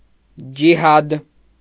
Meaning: jihad
- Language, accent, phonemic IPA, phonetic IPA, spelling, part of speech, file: Armenian, Eastern Armenian, /d͡ʒiˈhɑd/, [d͡ʒihɑ́d], ջիհադ, noun, Hy-ջիհադ.ogg